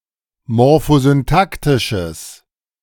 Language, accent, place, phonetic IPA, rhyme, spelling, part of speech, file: German, Germany, Berlin, [mɔʁfozynˈtaktɪʃəs], -aktɪʃəs, morphosyntaktisches, adjective, De-morphosyntaktisches.ogg
- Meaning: strong/mixed nominative/accusative neuter singular of morphosyntaktisch